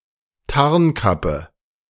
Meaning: cloak of invisibility
- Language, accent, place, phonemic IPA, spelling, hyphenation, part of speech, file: German, Germany, Berlin, /ˈtaʁnˌkapə/, Tarnkappe, Tarn‧kap‧pe, noun, De-Tarnkappe.ogg